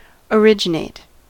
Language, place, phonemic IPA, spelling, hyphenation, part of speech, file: English, California, /əˈɹɪd͡ʒɪneɪt/, originate, ori‧gi‧nate, verb, En-us-originate.ogg
- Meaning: To cause (someone or something) to be; to bring (someone or something) into existence; to produce or initiate a person or thing